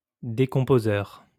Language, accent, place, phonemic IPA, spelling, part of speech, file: French, France, Lyon, /de.kɔ̃.po.zœʁ/, décomposeur, noun, LL-Q150 (fra)-décomposeur.wav
- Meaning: decomposer